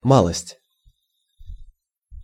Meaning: 1. smallness, trifle 2. tiny bit, a little bit; somewhat (also used as an adverb)
- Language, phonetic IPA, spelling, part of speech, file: Russian, [ˈmaɫəsʲtʲ], малость, noun, Ru-малость.ogg